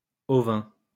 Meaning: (adjective) sheep; ovine; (noun) ovine (a sheep)
- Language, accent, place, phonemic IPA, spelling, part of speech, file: French, France, Lyon, /ɔ.vɛ̃/, ovin, adjective / noun, LL-Q150 (fra)-ovin.wav